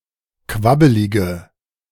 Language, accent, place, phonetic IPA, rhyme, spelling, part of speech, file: German, Germany, Berlin, [ˈkvabəlɪɡə], -abəlɪɡə, quabbelige, adjective, De-quabbelige.ogg
- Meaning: inflection of quabbelig: 1. strong/mixed nominative/accusative feminine singular 2. strong nominative/accusative plural 3. weak nominative all-gender singular